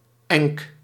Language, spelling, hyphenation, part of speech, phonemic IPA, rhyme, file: Dutch, enk, enk, noun, /ɛŋk/, -ɛŋk, Nl-enk.ogg
- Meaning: a tract of open, often raised agricultural land near or surrounding a village or hamlet